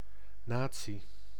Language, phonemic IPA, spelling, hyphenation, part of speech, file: Dutch, /ˈnaː.(t)si/, natie, na‧tie, noun, Nl-natie.ogg
- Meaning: 1. nation 2. guild 3. early modern community of traders resident in a foreign city 4. early modern student society, organised by region or nation of origin